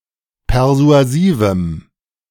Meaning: strong dative masculine/neuter singular of persuasiv
- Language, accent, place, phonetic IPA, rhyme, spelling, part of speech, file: German, Germany, Berlin, [pɛʁzu̯aˈziːvm̩], -iːvm̩, persuasivem, adjective, De-persuasivem.ogg